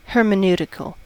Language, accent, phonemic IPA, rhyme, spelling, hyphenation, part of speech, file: English, US, /ˌhɜɹ.məˈn(j)u.tɪ.kəl/, -uːtɪkəl, hermeneutical, her‧me‧neu‧ti‧cal, adjective, En-us-hermeneutical.ogg
- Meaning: Of or pertaining to hermeneutics (the study or theory of the methodical interpretation of text, especially holy texts)